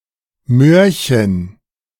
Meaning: diminutive of Möhre
- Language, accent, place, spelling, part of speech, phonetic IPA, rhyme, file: German, Germany, Berlin, Möhrchen, noun, [ˈmøːɐ̯çən], -øːɐ̯çən, De-Möhrchen.ogg